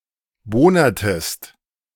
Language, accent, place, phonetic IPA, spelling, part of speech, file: German, Germany, Berlin, [ˈboːnɐtəst], bohnertest, verb, De-bohnertest.ogg
- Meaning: inflection of bohnern: 1. second-person singular preterite 2. second-person singular subjunctive II